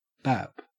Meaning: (noun) 1. A soft bread roll, originally from Scotland 2. A woman's breast 3. The head 4. A friend or buddy; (interjection) The sound of a light blow or slap; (verb) To hit lightly
- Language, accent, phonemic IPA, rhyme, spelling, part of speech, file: English, Australia, /bæp/, -æp, bap, noun / interjection / verb, En-au-bap.ogg